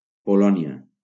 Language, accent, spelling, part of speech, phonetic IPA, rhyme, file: Catalan, Valencia, Polònia, proper noun, [poˈlɔ.ni.a], -ɔnia, LL-Q7026 (cat)-Polònia.wav
- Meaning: Poland (a country in Central Europe)